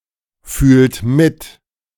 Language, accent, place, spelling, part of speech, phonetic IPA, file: German, Germany, Berlin, fühlt mit, verb, [ˌfyːlt ˈmɪt], De-fühlt mit.ogg
- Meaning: inflection of mitfühlen: 1. third-person singular present 2. second-person plural present 3. plural imperative